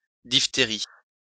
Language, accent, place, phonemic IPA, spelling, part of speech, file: French, France, Lyon, /dif.te.ʁi/, diphtérie, noun, LL-Q150 (fra)-diphtérie.wav
- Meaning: diphtheria